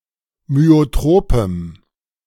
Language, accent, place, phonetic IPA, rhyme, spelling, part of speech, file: German, Germany, Berlin, [myoˈtʁoːpəm], -oːpəm, myotropem, adjective, De-myotropem.ogg
- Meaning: strong dative masculine/neuter singular of myotrop